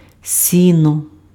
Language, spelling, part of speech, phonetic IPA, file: Ukrainian, сіно, noun, [ˈsʲinɔ], Uk-сіно.ogg
- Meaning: hay